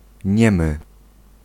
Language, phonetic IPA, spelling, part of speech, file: Polish, [ˈɲɛ̃mɨ], niemy, adjective, Pl-niemy.ogg